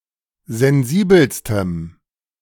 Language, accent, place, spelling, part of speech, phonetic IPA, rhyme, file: German, Germany, Berlin, sensibelstem, adjective, [zɛnˈziːbl̩stəm], -iːbl̩stəm, De-sensibelstem.ogg
- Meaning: strong dative masculine/neuter singular superlative degree of sensibel